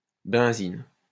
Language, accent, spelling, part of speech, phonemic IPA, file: French, France, benzine, noun, /bɛ̃.zin/, LL-Q150 (fra)-benzine.wav
- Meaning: 1. benzene 2. petrol, gasoline